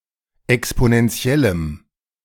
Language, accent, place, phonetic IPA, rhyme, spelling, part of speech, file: German, Germany, Berlin, [ɛksponɛnˈt͡si̯ɛləm], -ɛləm, exponentiellem, adjective, De-exponentiellem.ogg
- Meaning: strong dative masculine/neuter singular of exponentiell